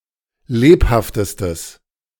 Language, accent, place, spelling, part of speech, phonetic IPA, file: German, Germany, Berlin, lebhaftestes, adjective, [ˈleːphaftəstəs], De-lebhaftestes.ogg
- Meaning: strong/mixed nominative/accusative neuter singular superlative degree of lebhaft